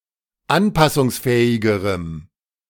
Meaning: strong dative masculine/neuter singular comparative degree of anpassungsfähig
- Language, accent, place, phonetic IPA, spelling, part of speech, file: German, Germany, Berlin, [ˈanpasʊŋsˌfɛːɪɡəʁəm], anpassungsfähigerem, adjective, De-anpassungsfähigerem.ogg